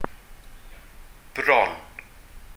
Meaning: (noun) 1. breast 2. round hill; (adverb) almost
- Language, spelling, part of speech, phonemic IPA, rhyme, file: Welsh, bron, noun / adverb, /brɔn/, -ɔn, Cy-bron.ogg